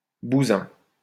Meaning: the 'soft crust' a stone has when it is taken out of a quarry
- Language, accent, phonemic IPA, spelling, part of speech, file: French, France, /bu.zɛ̃/, bousin, noun, LL-Q150 (fra)-bousin.wav